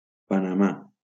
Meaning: Panama (a country in Central America)
- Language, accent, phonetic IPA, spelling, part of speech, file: Catalan, Valencia, [pa.naˈma], Panamà, proper noun, LL-Q7026 (cat)-Panamà.wav